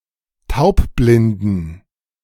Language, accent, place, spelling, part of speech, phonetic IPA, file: German, Germany, Berlin, taubblinden, adjective, [ˈtaʊ̯pˌblɪndn̩], De-taubblinden.ogg
- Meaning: inflection of taubblind: 1. strong genitive masculine/neuter singular 2. weak/mixed genitive/dative all-gender singular 3. strong/weak/mixed accusative masculine singular 4. strong dative plural